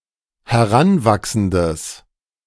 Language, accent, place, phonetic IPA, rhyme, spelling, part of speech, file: German, Germany, Berlin, [hɛˈʁanˌvaksn̩dəs], -anvaksn̩dəs, heranwachsendes, adjective, De-heranwachsendes.ogg
- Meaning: strong/mixed nominative/accusative neuter singular of heranwachsend